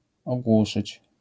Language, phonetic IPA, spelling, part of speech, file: Polish, [ɔˈɡwuʃɨt͡ɕ], ogłuszyć, verb, LL-Q809 (pol)-ogłuszyć.wav